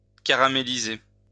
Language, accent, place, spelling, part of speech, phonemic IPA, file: French, France, Lyon, caraméliser, verb, /ka.ʁa.me.li.ze/, LL-Q150 (fra)-caraméliser.wav
- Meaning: to caramelize